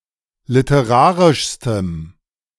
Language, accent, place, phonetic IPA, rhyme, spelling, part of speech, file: German, Germany, Berlin, [lɪtəˈʁaːʁɪʃstəm], -aːʁɪʃstəm, literarischstem, adjective, De-literarischstem.ogg
- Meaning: strong dative masculine/neuter singular superlative degree of literarisch